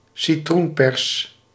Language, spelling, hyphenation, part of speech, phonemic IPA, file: Dutch, citroenpers, ci‧troen‧pers, noun, /siˈtrunˌpɛrs/, Nl-citroenpers.ogg
- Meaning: a lemon squeezer